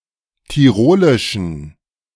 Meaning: inflection of tirolisch: 1. strong genitive masculine/neuter singular 2. weak/mixed genitive/dative all-gender singular 3. strong/weak/mixed accusative masculine singular 4. strong dative plural
- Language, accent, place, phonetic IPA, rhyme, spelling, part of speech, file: German, Germany, Berlin, [tiˈʁoːlɪʃn̩], -oːlɪʃn̩, tirolischen, adjective, De-tirolischen.ogg